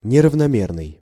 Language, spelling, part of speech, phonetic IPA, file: Russian, неравномерный, adjective, [nʲɪrəvnɐˈmʲernɨj], Ru-неравномерный.ogg
- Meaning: uneven